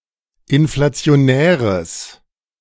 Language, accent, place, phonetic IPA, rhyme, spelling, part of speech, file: German, Germany, Berlin, [ɪnflat͡si̯oˈnɛːʁəs], -ɛːʁəs, inflationäres, adjective, De-inflationäres.ogg
- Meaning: strong/mixed nominative/accusative neuter singular of inflationär